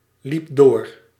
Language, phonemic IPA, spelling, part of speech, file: Dutch, /lipˈdo̝r/, liep door, verb, Nl-liep door.ogg
- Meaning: singular past indicative of doorlopen